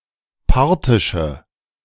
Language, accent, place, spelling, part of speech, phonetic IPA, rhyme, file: German, Germany, Berlin, parthische, adjective, [ˈpaʁtɪʃə], -aʁtɪʃə, De-parthische.ogg
- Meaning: inflection of parthisch: 1. strong/mixed nominative/accusative feminine singular 2. strong nominative/accusative plural 3. weak nominative all-gender singular